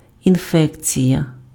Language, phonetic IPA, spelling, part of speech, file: Ukrainian, [inˈfɛkt͡sʲijɐ], інфекція, noun, Uk-інфекція.ogg
- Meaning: infection (entry of harmful microorganisms into a host)